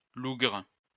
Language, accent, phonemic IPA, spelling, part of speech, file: French, France, /luɡʁ/, lougre, noun, LL-Q150 (fra)-lougre.wav
- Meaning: lugger